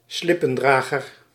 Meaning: 1. subservient person 2. one who carries a slip; pallbearer, (more strictly) one who carries a winding sheet at one of the corners
- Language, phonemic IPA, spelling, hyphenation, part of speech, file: Dutch, /ˈslɪ.pə(n)ˌdraː.ɣər/, slippendrager, slip‧pen‧dra‧ger, noun, Nl-slippendrager.ogg